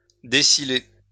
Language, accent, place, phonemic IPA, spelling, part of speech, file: French, France, Lyon, /de.si.le/, désiler, verb, LL-Q150 (fra)-désiler.wav
- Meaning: to remove from a silo